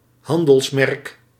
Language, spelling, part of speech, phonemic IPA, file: Dutch, handelsmerk, noun, /ˈhɑndəlsˌmɛrᵊk/, Nl-handelsmerk.ogg
- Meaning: trade mark